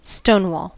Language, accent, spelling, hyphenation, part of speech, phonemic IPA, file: English, General American, stonewall, stone‧wall, noun / verb / adjective, /ˈstoʊnwɔl/, En-us-stonewall.ogg
- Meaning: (noun) 1. An obstruction 2. A refusal to cooperate 3. An alcoholic drink popular in colonial America, consisting of apple cider (or sometimes applejack) mixed with rum (or sometimes gin or whisky)